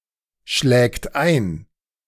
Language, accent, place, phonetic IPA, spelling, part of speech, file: German, Germany, Berlin, [ˌʃlɛːkt ˈaɪ̯n], schlägt ein, verb, De-schlägt ein.ogg
- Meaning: third-person singular present of einschlagen